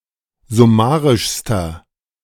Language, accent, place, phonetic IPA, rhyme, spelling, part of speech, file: German, Germany, Berlin, [zʊˈmaːʁɪʃstɐ], -aːʁɪʃstɐ, summarischster, adjective, De-summarischster.ogg
- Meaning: inflection of summarisch: 1. strong/mixed nominative masculine singular superlative degree 2. strong genitive/dative feminine singular superlative degree 3. strong genitive plural superlative degree